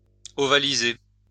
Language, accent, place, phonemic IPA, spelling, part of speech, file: French, France, Lyon, /ɔ.va.li.ze/, ovaliser, verb, LL-Q150 (fra)-ovaliser.wav
- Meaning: to ovalize